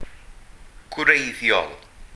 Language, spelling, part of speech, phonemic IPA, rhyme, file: Welsh, gwreiddiol, adjective / noun, /ˈɡwrei̯ðjɔl/, -ei̯ðjɔl, Cy-gwreiddiol.ogg
- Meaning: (adjective) original; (noun) 1. root, radical (an unmutated consonant) 2. root (fundamental note of a chord)